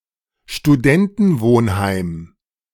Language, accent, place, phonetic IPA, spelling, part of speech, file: German, Germany, Berlin, [ʃtuˈdɛntn̩ˌvoːnhaɪ̯m], Studentenwohnheim, noun, De-Studentenwohnheim.ogg
- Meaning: dormitory, students' residence, hall of residence (building for college or university students to live in)